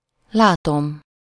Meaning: first-person singular indicative present definite of lát
- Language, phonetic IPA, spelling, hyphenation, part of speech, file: Hungarian, [ˈlaːtom], látom, lá‧tom, verb, Hu-látom.ogg